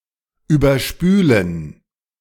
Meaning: to wash over
- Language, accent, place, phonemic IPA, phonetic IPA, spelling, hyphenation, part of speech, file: German, Germany, Berlin, /ˌyːbɐˈʃpyːlən/, [ˌyːbɐˈʃpyːln̩], überspülen, über‧spü‧len, verb, De-überspülen.ogg